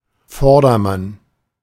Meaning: person in front of oneself (in a queue, row, group etc.)
- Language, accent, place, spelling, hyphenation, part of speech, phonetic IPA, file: German, Germany, Berlin, Vordermann, Vor‧der‧mann, noun, [ˈfɔʁdɐˌman], De-Vordermann.ogg